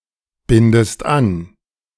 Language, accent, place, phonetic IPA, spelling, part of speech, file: German, Germany, Berlin, [ˌbɪndəst ˈan], bindest an, verb, De-bindest an.ogg
- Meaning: inflection of anbinden: 1. second-person singular present 2. second-person singular subjunctive I